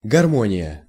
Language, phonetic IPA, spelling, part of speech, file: Russian, [ɡɐrˈmonʲɪjə], гармония, noun, Ru-гармония.ogg
- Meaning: harmony